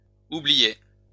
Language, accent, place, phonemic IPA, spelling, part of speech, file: French, France, Lyon, /u.bli.jɛ/, oubliait, verb, LL-Q150 (fra)-oubliait.wav
- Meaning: third-person singular imperfect indicative of oublier